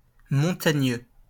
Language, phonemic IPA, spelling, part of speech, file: French, /mɔ̃.ta.ɲø/, montagneux, adjective, LL-Q150 (fra)-montagneux.wav
- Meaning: mountainous